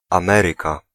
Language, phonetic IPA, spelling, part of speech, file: Polish, [ãˈmɛrɨka], Ameryka, proper noun, Pl-Ameryka.ogg